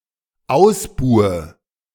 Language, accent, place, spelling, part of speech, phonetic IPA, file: German, Germany, Berlin, ausbuhe, verb, [ˈaʊ̯sˌbuːə], De-ausbuhe.ogg
- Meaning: inflection of ausbuhen: 1. first-person singular dependent present 2. first/third-person singular dependent subjunctive I